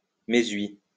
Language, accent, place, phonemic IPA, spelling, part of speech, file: French, France, Lyon, /me.zɥi/, méshui, adverb, LL-Q150 (fra)-méshui.wav
- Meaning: 1. today 2. now, at present 3. henceforth, from now on